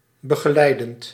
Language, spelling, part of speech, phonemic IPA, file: Dutch, begeleidend, verb / adjective, /bəɣəˈlɛidənt/, Nl-begeleidend.ogg
- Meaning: present participle of begeleiden